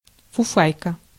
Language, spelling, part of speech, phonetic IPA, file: Russian, фуфайка, noun, [fʊˈfajkə], Ru-фуфайка.ogg
- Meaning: 1. sweatshirt, sweater, jersey 2. quilted jacket, fufayka, vatnik